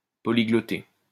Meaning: to speak several languages
- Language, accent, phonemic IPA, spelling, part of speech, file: French, France, /pɔ.li.ɡlɔ.te/, polyglotter, verb, LL-Q150 (fra)-polyglotter.wav